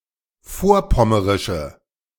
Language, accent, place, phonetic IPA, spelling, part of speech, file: German, Germany, Berlin, [ˈfoːɐ̯ˌpɔməʁɪʃə], vorpommerische, adjective, De-vorpommerische.ogg
- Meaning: inflection of vorpommerisch: 1. strong/mixed nominative/accusative feminine singular 2. strong nominative/accusative plural 3. weak nominative all-gender singular